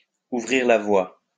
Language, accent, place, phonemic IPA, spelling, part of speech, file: French, France, Lyon, /u.vʁiʁ la vwa/, ouvrir la voie, verb, LL-Q150 (fra)-ouvrir la voie.wav
- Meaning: to pave the way, to blaze the trail